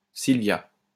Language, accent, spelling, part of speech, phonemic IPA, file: French, France, Sylvia, proper noun, /sil.vja/, LL-Q150 (fra)-Sylvia.wav
- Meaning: a female given name